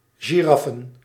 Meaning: plural of giraf
- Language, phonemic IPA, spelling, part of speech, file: Dutch, /ʒiˈrɑfə(n)/, giraffen, noun, Nl-giraffen.ogg